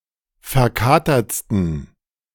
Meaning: 1. superlative degree of verkatert 2. inflection of verkatert: strong genitive masculine/neuter singular superlative degree
- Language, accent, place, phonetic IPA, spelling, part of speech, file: German, Germany, Berlin, [fɛɐ̯ˈkaːtɐt͡stn̩], verkatertsten, adjective, De-verkatertsten.ogg